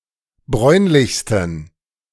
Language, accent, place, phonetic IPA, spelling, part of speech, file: German, Germany, Berlin, [ˈbʁɔɪ̯nlɪçstn̩], bräunlichsten, adjective, De-bräunlichsten.ogg
- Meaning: 1. superlative degree of bräunlich 2. inflection of bräunlich: strong genitive masculine/neuter singular superlative degree